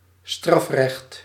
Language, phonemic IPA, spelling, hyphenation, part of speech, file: Dutch, /ˈstrɑf.rɛxt/, strafrecht, straf‧recht, noun, Nl-strafrecht.ogg
- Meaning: criminal law